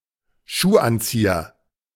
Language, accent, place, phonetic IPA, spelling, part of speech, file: German, Germany, Berlin, [ˈʃuːˌʔant͡siːɐ], Schuhanzieher, noun, De-Schuhanzieher.ogg
- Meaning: shoehorn